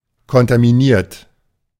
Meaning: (verb) past participle of kontaminieren; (adjective) contaminated; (verb) inflection of kontaminieren: 1. third-person singular present 2. second-person plural present 3. plural imperative
- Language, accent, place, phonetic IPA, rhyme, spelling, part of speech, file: German, Germany, Berlin, [kɔntamiˈniːɐ̯t], -iːɐ̯t, kontaminiert, adjective / verb, De-kontaminiert.ogg